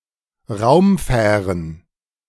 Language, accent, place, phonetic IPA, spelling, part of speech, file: German, Germany, Berlin, [ˈʁaʊ̯mˌfɛːʁən], Raumfähren, noun, De-Raumfähren.ogg
- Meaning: plural of Raumfähre